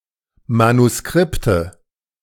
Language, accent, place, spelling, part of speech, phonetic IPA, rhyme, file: German, Germany, Berlin, Manuskripte, noun, [manuˈskʁɪptə], -ɪptə, De-Manuskripte.ogg
- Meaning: nominative/accusative/genitive plural of Manuskript